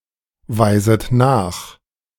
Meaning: second-person plural subjunctive I of nachweisen
- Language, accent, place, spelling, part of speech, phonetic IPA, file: German, Germany, Berlin, weiset nach, verb, [ˌvaɪ̯zət ˈnaːx], De-weiset nach.ogg